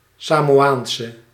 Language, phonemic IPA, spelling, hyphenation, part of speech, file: Dutch, /ˌsaːmoːˈaːnsə/, Samoaanse, Sa‧mo‧aan‧se, noun / adjective, Nl-Samoaanse.ogg
- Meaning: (noun) a Samoan woman; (adjective) inflection of Samoaans: 1. masculine/feminine singular attributive 2. definite neuter singular attributive 3. plural attributive